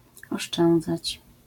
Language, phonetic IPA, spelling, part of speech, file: Polish, [ɔʃˈt͡ʃɛ̃nd͡zat͡ɕ], oszczędzać, verb, LL-Q809 (pol)-oszczędzać.wav